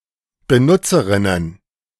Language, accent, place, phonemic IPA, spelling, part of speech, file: German, Germany, Berlin, /bəˈnʊtsəʁɪnən/, Benutzerinnen, noun, De-Benutzerinnen.ogg
- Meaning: plural of Benutzerin